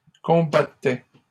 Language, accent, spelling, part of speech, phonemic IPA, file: French, Canada, combattaient, verb, /kɔ̃.ba.tɛ/, LL-Q150 (fra)-combattaient.wav
- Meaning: third-person plural imperfect indicative of combattre